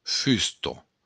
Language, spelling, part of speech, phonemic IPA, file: Occitan, fusta, noun, /ˈfysto/, LL-Q942602-fusta.wav
- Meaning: 1. wood, lumber 2. beam